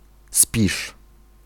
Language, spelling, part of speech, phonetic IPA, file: Polish, spiż, noun, [spʲiʃ], Pl-spiż.ogg